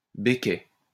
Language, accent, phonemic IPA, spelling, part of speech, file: French, France, /be.kɛ/, béquets, noun, LL-Q150 (fra)-béquets.wav
- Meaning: plural of béquet